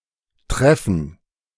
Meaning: 1. gerund of treffen 2. a meeting 3. battle
- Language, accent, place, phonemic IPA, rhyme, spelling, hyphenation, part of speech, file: German, Germany, Berlin, /ˈtʁɛfn̩/, -ɛfn̩, Treffen, Tref‧fen, noun, De-Treffen.ogg